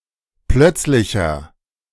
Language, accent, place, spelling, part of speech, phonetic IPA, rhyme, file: German, Germany, Berlin, plötzlicher, adjective, [ˈplœt͡slɪçɐ], -œt͡slɪçɐ, De-plötzlicher.ogg
- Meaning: inflection of plötzlich: 1. strong/mixed nominative masculine singular 2. strong genitive/dative feminine singular 3. strong genitive plural